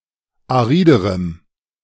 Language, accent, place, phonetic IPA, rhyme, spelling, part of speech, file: German, Germany, Berlin, [aˈʁiːdəʁəm], -iːdəʁəm, ariderem, adjective, De-ariderem.ogg
- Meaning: strong dative masculine/neuter singular comparative degree of arid